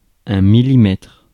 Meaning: millimetre (UK) / millimeter (US)
- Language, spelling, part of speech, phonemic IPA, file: French, millimètre, noun, /mi.li.mɛtʁ/, Fr-millimètre.ogg